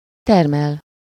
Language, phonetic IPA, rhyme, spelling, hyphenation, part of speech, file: Hungarian, [ˈtɛrmɛl], -ɛl, termel, ter‧mel, verb, Hu-termel.ogg
- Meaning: 1. to produce 2. to grow, raise, cultivate 3. to generate (energy)